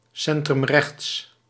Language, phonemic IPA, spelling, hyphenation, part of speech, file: Dutch, /ˌsɛn.trʏmˈrɛxts/, centrumrechts, cen‧trum‧rechts, adjective, Nl-centrumrechts.ogg
- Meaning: center-right (US), centre-right (UK)